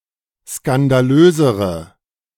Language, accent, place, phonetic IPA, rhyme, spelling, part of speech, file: German, Germany, Berlin, [skandaˈløːzəʁə], -øːzəʁə, skandalösere, adjective, De-skandalösere.ogg
- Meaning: inflection of skandalös: 1. strong/mixed nominative/accusative feminine singular comparative degree 2. strong nominative/accusative plural comparative degree